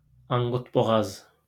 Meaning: 1. longnecked 2. thin, skinny
- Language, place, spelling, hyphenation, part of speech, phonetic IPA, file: Azerbaijani, Baku, anqutboğaz, an‧qut‧bo‧ğaz, adjective, [ɑŋɡutboˈɣɑz], LL-Q9292 (aze)-anqutboğaz.wav